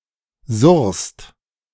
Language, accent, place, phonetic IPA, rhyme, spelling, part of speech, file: German, Germany, Berlin, [zʊʁst], -ʊʁst, surrst, verb, De-surrst.ogg
- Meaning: second-person singular present of surren